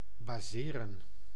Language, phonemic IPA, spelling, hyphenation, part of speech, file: Dutch, /baːˈzeːrə(n)/, baseren, ba‧se‧ren, verb, Nl-baseren.ogg
- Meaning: to base (to have as its foundation or starting point)